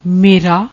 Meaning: genitive of ਮੈਂ (maĩ); my, mine
- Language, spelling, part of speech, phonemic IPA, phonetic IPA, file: Punjabi, ਮੇਰਾ, pronoun, /meː.ɾäː/, [ˈmeː.ɾäː], Pa-ਮੇਰਾ.ogg